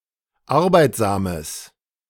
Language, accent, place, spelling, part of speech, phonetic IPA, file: German, Germany, Berlin, arbeitsames, adjective, [ˈaʁbaɪ̯tzaːməs], De-arbeitsames.ogg
- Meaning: strong/mixed nominative/accusative neuter singular of arbeitsam